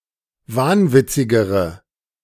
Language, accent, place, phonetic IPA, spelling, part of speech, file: German, Germany, Berlin, [ˈvaːnˌvɪt͡sɪɡəʁə], wahnwitzigere, adjective, De-wahnwitzigere.ogg
- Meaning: inflection of wahnwitzig: 1. strong/mixed nominative/accusative feminine singular comparative degree 2. strong nominative/accusative plural comparative degree